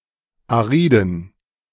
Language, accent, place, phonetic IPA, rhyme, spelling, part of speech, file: German, Germany, Berlin, [aˈʁiːdn̩], -iːdn̩, ariden, adjective, De-ariden.ogg
- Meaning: inflection of arid: 1. strong genitive masculine/neuter singular 2. weak/mixed genitive/dative all-gender singular 3. strong/weak/mixed accusative masculine singular 4. strong dative plural